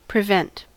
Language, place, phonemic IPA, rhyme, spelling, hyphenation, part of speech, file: English, California, /pɹɪˈvɛnt/, -ɛnt, prevent, pre‧vent, verb, En-us-prevent.ogg
- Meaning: 1. To stop (an outcome); to keep from (doing something) 2. To take preventative measures 3. To come before; to precede 4. To outdo, surpass 5. To be beforehand with; to anticipate